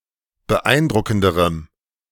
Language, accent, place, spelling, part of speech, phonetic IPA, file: German, Germany, Berlin, beeindruckenderem, adjective, [bəˈʔaɪ̯nˌdʁʊkn̩dəʁəm], De-beeindruckenderem.ogg
- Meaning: strong dative masculine/neuter singular comparative degree of beeindruckend